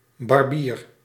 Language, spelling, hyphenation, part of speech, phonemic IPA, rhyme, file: Dutch, barbier, bar‧bier, noun, /bɑrˈbiːr/, -iːr, Nl-barbier.ogg
- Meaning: 1. barber (hairdresser) 2. surgeon